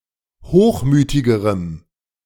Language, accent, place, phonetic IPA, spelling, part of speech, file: German, Germany, Berlin, [ˈhoːxˌmyːtɪɡəʁəm], hochmütigerem, adjective, De-hochmütigerem.ogg
- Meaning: strong dative masculine/neuter singular comparative degree of hochmütig